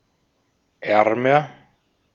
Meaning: comparative degree of arm
- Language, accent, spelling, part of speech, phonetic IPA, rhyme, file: German, Austria, ärmer, adjective, [ˈɛʁmɐ], -ɛʁmɐ, De-at-ärmer.ogg